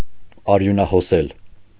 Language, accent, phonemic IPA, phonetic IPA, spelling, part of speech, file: Armenian, Eastern Armenian, /ɑɾjunɑhoˈsel/, [ɑɾjunɑhosél], արյունահոսել, verb, Hy-արյունահոսել.ogg
- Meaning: to bleed